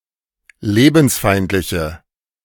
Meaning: inflection of lebensfeindlich: 1. strong/mixed nominative/accusative feminine singular 2. strong nominative/accusative plural 3. weak nominative all-gender singular
- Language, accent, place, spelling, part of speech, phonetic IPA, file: German, Germany, Berlin, lebensfeindliche, adjective, [ˈleːbn̩sˌfaɪ̯ntlɪçə], De-lebensfeindliche.ogg